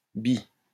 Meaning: bi-
- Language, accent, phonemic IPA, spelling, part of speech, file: French, France, /bi/, bi-, prefix, LL-Q150 (fra)-bi-.wav